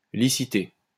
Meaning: to auction
- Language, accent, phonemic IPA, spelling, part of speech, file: French, France, /li.si.te/, liciter, verb, LL-Q150 (fra)-liciter.wav